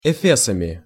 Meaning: instrumental plural of эфе́с (efés)
- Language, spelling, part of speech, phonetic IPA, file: Russian, эфесами, noun, [ɪˈfʲesəmʲɪ], Ru-эфесами.ogg